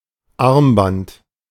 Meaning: bracelet; bangle; armlet (piece of jewellery or decoration worn on the arm)
- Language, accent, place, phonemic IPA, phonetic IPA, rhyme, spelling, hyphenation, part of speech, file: German, Germany, Berlin, /ˈarmˌbant/, [ˈʔɑʁ̞mˌbant], -ant, Armband, Arm‧band, noun, De-Armband.ogg